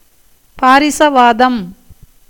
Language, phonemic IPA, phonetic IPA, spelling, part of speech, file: Tamil, /pɑːɾɪtʃɐʋɑːd̪ɐm/, [päːɾɪsɐʋäːd̪ɐm], பாரிசவாதம், noun, Ta-பாரிசவாதம்.ogg
- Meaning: 1. paralysis 2. hernia